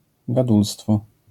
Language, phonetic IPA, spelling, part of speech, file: Polish, [ɡaˈdulstfɔ], gadulstwo, noun, LL-Q809 (pol)-gadulstwo.wav